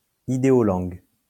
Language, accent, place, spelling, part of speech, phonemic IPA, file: French, France, Lyon, idéolangue, noun, /i.de.ɔ.lɑ̃ɡ/, LL-Q150 (fra)-idéolangue.wav
- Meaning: conlang